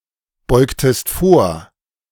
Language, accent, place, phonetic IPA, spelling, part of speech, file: German, Germany, Berlin, [ˌbɔɪ̯ktəst ˈfoːɐ̯], beugtest vor, verb, De-beugtest vor.ogg
- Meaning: inflection of vorbeugen: 1. second-person singular preterite 2. second-person singular subjunctive II